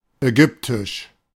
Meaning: Egyptian (pertaining to Egypt, to the Egyptians or to the Egyptian language)
- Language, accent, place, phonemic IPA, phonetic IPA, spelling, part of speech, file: German, Germany, Berlin, /ɛˈɡʏptɪʃ/, [ʔɛˈɡʏptɪʃ], ägyptisch, adjective, De-ägyptisch.ogg